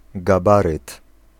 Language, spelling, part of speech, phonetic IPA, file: Polish, gabaryt, noun, [ɡaˈbarɨt], Pl-gabaryt.ogg